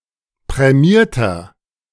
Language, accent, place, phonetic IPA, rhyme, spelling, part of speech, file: German, Germany, Berlin, [pʁɛˈmiːɐ̯tɐ], -iːɐ̯tɐ, prämierter, adjective, De-prämierter.ogg
- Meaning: inflection of prämiert: 1. strong/mixed nominative masculine singular 2. strong genitive/dative feminine singular 3. strong genitive plural